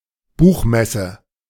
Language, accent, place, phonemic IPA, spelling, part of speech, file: German, Germany, Berlin, /ˈbuːχˌmɛsə/, Buchmesse, noun, De-Buchmesse.ogg
- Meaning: book fair, the most famous one in the world being the annual, international Frankfurter Buchmesse at Frankfurt